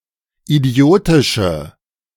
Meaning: inflection of idiotisch: 1. strong/mixed nominative/accusative feminine singular 2. strong nominative/accusative plural 3. weak nominative all-gender singular
- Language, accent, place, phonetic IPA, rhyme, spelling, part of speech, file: German, Germany, Berlin, [iˈdi̯oːtɪʃə], -oːtɪʃə, idiotische, adjective, De-idiotische.ogg